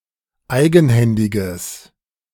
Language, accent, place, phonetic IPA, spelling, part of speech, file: German, Germany, Berlin, [ˈaɪ̯ɡn̩ˌhɛndɪɡəs], eigenhändiges, adjective, De-eigenhändiges.ogg
- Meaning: strong/mixed nominative/accusative neuter singular of eigenhändig